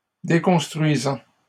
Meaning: present participle of déconstruire
- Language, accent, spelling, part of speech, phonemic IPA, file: French, Canada, déconstruisant, verb, /de.kɔ̃s.tʁɥi.zɑ̃/, LL-Q150 (fra)-déconstruisant.wav